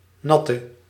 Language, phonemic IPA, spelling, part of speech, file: Dutch, /ˈnɑtə/, natte, adjective / verb, Nl-natte.ogg
- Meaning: inflection of nat: 1. masculine/feminine singular attributive 2. definite neuter singular attributive 3. plural attributive